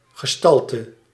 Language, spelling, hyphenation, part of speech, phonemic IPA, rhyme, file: Dutch, gestalte, ge‧stal‧te, noun, /ɣəˈstɑl.tə/, -ɑltə, Nl-gestalte.ogg
- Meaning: 1. figure, shape, appearance 2. stature